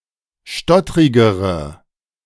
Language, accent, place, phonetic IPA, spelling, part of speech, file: German, Germany, Berlin, [ˈʃtɔtʁɪɡəʁə], stottrigere, adjective, De-stottrigere.ogg
- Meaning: inflection of stottrig: 1. strong/mixed nominative/accusative feminine singular comparative degree 2. strong nominative/accusative plural comparative degree